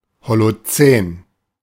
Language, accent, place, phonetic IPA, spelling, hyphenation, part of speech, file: German, Germany, Berlin, [ˌholoˈt͡sɛːn], Holozän, Ho‧lo‧zän, proper noun, De-Holozän.ogg
- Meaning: Holocene (a geologic epoch; from about 11,700 years ago to the present)